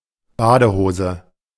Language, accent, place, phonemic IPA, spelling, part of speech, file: German, Germany, Berlin, /ˈbaːdəˌhoːzə/, Badehose, noun, De-Badehose.ogg
- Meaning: A pair of swimming trunks